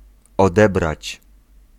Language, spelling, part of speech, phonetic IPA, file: Polish, odebrać, verb, [ɔˈdɛbrat͡ɕ], Pl-odebrać.ogg